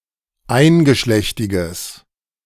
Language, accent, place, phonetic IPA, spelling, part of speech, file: German, Germany, Berlin, [ˈaɪ̯nɡəˌʃlɛçtɪɡəs], eingeschlechtiges, adjective, De-eingeschlechtiges.ogg
- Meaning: strong/mixed nominative/accusative neuter singular of eingeschlechtig